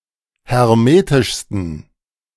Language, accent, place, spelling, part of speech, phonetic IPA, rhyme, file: German, Germany, Berlin, hermetischsten, adjective, [hɛʁˈmeːtɪʃstn̩], -eːtɪʃstn̩, De-hermetischsten.ogg
- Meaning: 1. superlative degree of hermetisch 2. inflection of hermetisch: strong genitive masculine/neuter singular superlative degree